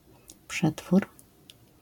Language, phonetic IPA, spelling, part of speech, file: Polish, [ˈpʃɛtfur], przetwór, noun, LL-Q809 (pol)-przetwór.wav